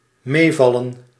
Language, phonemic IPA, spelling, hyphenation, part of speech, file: Dutch, /ˈmeːˌvɑ.lə(n)/, meevallen, mee‧val‧len, verb, Nl-meevallen.ogg
- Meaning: to be better than expected, to be not so bad